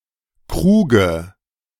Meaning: dative singular of Krug
- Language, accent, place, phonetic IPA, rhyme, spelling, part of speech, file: German, Germany, Berlin, [ˈkʁuːɡə], -uːɡə, Kruge, noun, De-Kruge.ogg